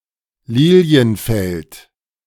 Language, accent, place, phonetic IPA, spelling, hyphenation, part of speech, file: German, Germany, Berlin, [ˈliːli̯ənˌfɛlt], Lilienfeld, Li‧li‧en‧feld, noun / proper noun, De-Lilienfeld.ogg
- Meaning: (noun) lily field; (proper noun) 1. a municipality of Lower Austria, Austria 2. a surname